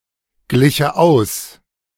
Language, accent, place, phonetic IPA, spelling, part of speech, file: German, Germany, Berlin, [ˌɡlɪçə ˈaʊ̯s], gliche aus, verb, De-gliche aus.ogg
- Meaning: first/third-person singular subjunctive II of ausgleichen